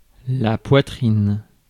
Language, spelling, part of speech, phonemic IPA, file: French, poitrine, noun / verb, /pwa.tʁin/, Fr-poitrine.ogg
- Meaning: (noun) 1. chest, thorax, torso 2. breast, bosom 3. breast (of poultry, as meat); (verb) first-person singular indicative/present of poitriner